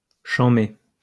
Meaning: 1. méchant, evil or wicked 2. excellent, very enjoyable, wicked
- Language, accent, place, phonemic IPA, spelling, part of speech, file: French, France, Lyon, /ʃɑ̃.me/, chanmé, adjective, LL-Q150 (fra)-chanmé.wav